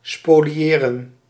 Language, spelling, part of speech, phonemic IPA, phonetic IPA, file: Dutch, spoliëren, verb, /ˌspoː.liˈeː.rə(n)/, [ˌspoː.liˈjeː.rə(n)], Nl-spoliëren.ogg
- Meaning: to plunder, to spoliate, to despoil